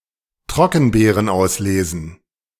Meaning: plural of Trockenbeerenauslese
- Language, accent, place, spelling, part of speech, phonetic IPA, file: German, Germany, Berlin, Trockenbeerenauslesen, noun, [ˈtʁɔkn̩beːʁənˌʔaʊ̯sleːzn̩], De-Trockenbeerenauslesen.ogg